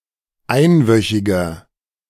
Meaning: inflection of einwöchig: 1. strong/mixed nominative masculine singular 2. strong genitive/dative feminine singular 3. strong genitive plural
- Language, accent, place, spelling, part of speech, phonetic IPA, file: German, Germany, Berlin, einwöchiger, adjective, [ˈaɪ̯nˌvœçɪɡɐ], De-einwöchiger.ogg